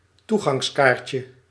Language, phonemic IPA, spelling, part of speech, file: Dutch, /ˈtuɣɑŋsˌkarcə/, toegangskaartje, noun, Nl-toegangskaartje.ogg
- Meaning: diminutive of toegangskaart